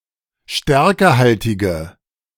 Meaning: inflection of stärkehaltig: 1. strong/mixed nominative/accusative feminine singular 2. strong nominative/accusative plural 3. weak nominative all-gender singular
- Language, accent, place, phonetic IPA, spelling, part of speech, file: German, Germany, Berlin, [ˈʃtɛʁkəhaltɪɡə], stärkehaltige, adjective, De-stärkehaltige.ogg